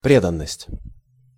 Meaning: 1. loyalty, devotion 2. attachment (dependence, especially a strong one)
- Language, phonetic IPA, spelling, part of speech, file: Russian, [ˈprʲedənəsʲtʲ], преданность, noun, Ru-преданность.ogg